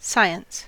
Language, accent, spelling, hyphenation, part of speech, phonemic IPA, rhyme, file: English, US, science, sci‧ence, noun / verb, /ˈsaɪ.əns/, -aɪəns, En-us-science.ogg
- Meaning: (noun) A particular discipline or branch of knowledge that is natural, measurable or consisting of systematic principles rather than intuition or technical skill